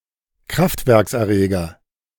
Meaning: power plant excitation equipment, power plant excitation system
- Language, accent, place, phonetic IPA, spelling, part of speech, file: German, Germany, Berlin, [ˈkʁaftvɛʁksʔɛɐ̯ˌʁeːɡɐ], Kraftwerkserreger, noun, De-Kraftwerkserreger.ogg